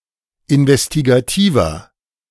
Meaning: 1. comparative degree of investigativ 2. inflection of investigativ: strong/mixed nominative masculine singular 3. inflection of investigativ: strong genitive/dative feminine singular
- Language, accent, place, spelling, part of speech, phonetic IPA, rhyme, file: German, Germany, Berlin, investigativer, adjective, [ɪnvɛstiɡaˈtiːvɐ], -iːvɐ, De-investigativer.ogg